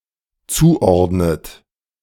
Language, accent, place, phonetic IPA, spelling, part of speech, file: German, Germany, Berlin, [ˈt͡suːˌʔɔʁdnət], zuordnet, verb, De-zuordnet.ogg
- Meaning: inflection of zuordnen: 1. third-person singular dependent present 2. second-person plural dependent present 3. second-person plural dependent subjunctive I